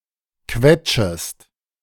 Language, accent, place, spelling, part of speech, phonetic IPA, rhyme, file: German, Germany, Berlin, quetschest, verb, [ˈkvɛt͡ʃəst], -ɛt͡ʃəst, De-quetschest.ogg
- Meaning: second-person singular subjunctive I of quetschen